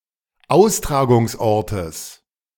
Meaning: genitive of Austragungsort
- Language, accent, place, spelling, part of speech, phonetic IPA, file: German, Germany, Berlin, Austragungsortes, noun, [ˈaʊ̯stʁaːɡʊŋsˌʔɔʁtəs], De-Austragungsortes.ogg